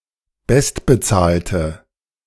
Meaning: inflection of bestbezahlt: 1. strong/mixed nominative/accusative feminine singular 2. strong nominative/accusative plural 3. weak nominative all-gender singular
- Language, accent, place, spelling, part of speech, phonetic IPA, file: German, Germany, Berlin, bestbezahlte, adjective, [ˈbɛstbəˌt͡saːltə], De-bestbezahlte.ogg